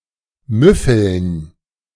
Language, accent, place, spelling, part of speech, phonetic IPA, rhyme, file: German, Germany, Berlin, müffeln, verb, [ˈmʏfl̩n], -ʏfl̩n, De-müffeln.ogg
- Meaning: 1. to have a moldy smell 2. to stink